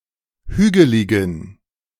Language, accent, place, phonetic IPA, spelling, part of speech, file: German, Germany, Berlin, [ˈhyːɡəlɪɡn̩], hügeligen, adjective, De-hügeligen.ogg
- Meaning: inflection of hügelig: 1. strong genitive masculine/neuter singular 2. weak/mixed genitive/dative all-gender singular 3. strong/weak/mixed accusative masculine singular 4. strong dative plural